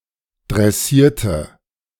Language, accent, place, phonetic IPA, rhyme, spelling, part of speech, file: German, Germany, Berlin, [dʁɛˈsiːɐ̯tə], -iːɐ̯tə, dressierte, adjective / verb, De-dressierte.ogg
- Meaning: inflection of dressieren: 1. first/third-person singular preterite 2. first/third-person singular subjunctive II